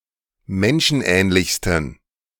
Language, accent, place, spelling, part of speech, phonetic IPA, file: German, Germany, Berlin, menschenähnlichsten, adjective, [ˈmɛnʃn̩ˌʔɛːnlɪçstn̩], De-menschenähnlichsten.ogg
- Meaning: 1. superlative degree of menschenähnlich 2. inflection of menschenähnlich: strong genitive masculine/neuter singular superlative degree